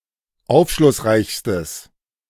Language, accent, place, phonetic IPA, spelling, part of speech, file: German, Germany, Berlin, [ˈaʊ̯fʃlʊsˌʁaɪ̯çstəs], aufschlussreichstes, adjective, De-aufschlussreichstes.ogg
- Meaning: strong/mixed nominative/accusative neuter singular superlative degree of aufschlussreich